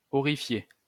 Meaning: to horrify
- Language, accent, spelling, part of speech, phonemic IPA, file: French, France, horrifier, verb, /ɔ.ʁi.fje/, LL-Q150 (fra)-horrifier.wav